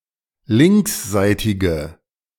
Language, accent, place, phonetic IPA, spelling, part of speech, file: German, Germany, Berlin, [ˈlɪŋksˌzaɪ̯tɪɡə], linksseitige, adjective, De-linksseitige.ogg
- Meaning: inflection of linksseitig: 1. strong/mixed nominative/accusative feminine singular 2. strong nominative/accusative plural 3. weak nominative all-gender singular